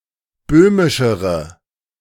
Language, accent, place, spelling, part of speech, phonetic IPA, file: German, Germany, Berlin, böhmischere, adjective, [ˈbøːmɪʃəʁə], De-böhmischere.ogg
- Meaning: inflection of böhmisch: 1. strong/mixed nominative/accusative feminine singular comparative degree 2. strong nominative/accusative plural comparative degree